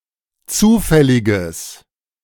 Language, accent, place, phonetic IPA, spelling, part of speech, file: German, Germany, Berlin, [ˈt͡suːfɛlɪɡəs], zufälliges, adjective, De-zufälliges.ogg
- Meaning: strong/mixed nominative/accusative neuter singular of zufällig